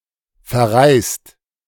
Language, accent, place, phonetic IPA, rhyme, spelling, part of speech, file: German, Germany, Berlin, [fɛɐ̯ˈʁaɪ̯st], -aɪ̯st, verreist, adjective / verb, De-verreist.ogg
- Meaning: 1. past participle of verreisen 2. inflection of verreisen: second-person singular/plural present 3. inflection of verreisen: third-person singular present